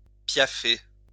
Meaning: 1. to stamp, paw the ground 2. to stamp one's feet
- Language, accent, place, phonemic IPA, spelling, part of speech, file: French, France, Lyon, /pja.fe/, piaffer, verb, LL-Q150 (fra)-piaffer.wav